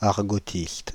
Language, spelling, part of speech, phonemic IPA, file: French, argotiste, noun, /aʁ.ɡɔ.tist/, Fr-argotiste.ogg
- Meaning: a person who studies slang